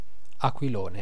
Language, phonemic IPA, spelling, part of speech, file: Italian, /akwiˈlone/, aquilone, noun, It-aquilone.ogg